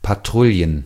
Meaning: plural of Patrouille
- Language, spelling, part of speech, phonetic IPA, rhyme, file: German, Patrouillen, noun, [paˈtʁʊljən], -ʊljən, De-Patrouillen.ogg